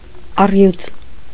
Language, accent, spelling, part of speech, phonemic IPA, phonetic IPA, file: Armenian, Eastern Armenian, առյուծ, noun, /ɑˈrjut͡s/, [ɑrjút͡s], Hy-առյուծ.ogg
- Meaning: lion